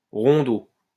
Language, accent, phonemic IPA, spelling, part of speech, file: French, France, /ʁɔ̃.do/, rondeau, noun, LL-Q150 (fra)-rondeau.wav
- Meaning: 1. rondeau 2. rondo